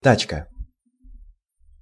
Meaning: 1. wheelbarrow 2. shopping cart 3. taxi 4. car
- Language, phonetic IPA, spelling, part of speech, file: Russian, [ˈtat͡ɕkə], тачка, noun, Ru-тачка.ogg